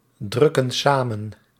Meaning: inflection of samendrukken: 1. plural present indicative 2. plural present subjunctive
- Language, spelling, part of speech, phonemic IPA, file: Dutch, drukken samen, verb, /ˈdrʏkə(n) ˈsamə(n)/, Nl-drukken samen.ogg